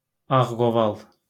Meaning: poplar
- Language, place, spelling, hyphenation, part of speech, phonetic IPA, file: Azerbaijani, Baku, ağqoval, ağ‧qo‧val, noun, [ɑɣɡoˈvɑɫ], LL-Q9292 (aze)-ağqoval.wav